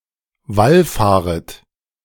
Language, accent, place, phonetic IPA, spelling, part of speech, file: German, Germany, Berlin, [ˈvalˌfaːʁət], wallfahret, verb, De-wallfahret.ogg
- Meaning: second-person plural subjunctive I of wallfahren